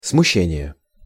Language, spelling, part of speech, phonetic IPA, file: Russian, смущение, noun, [smʊˈɕːenʲɪje], Ru-смущение.ogg
- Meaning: abashment, confusion, embarrassment